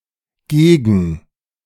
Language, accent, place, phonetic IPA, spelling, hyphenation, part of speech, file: German, Germany, Berlin, [ˈɡeːɡn̩], gegen-, ge‧gen-, prefix, De-gegen-.ogg
- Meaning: against, contrary to, contra-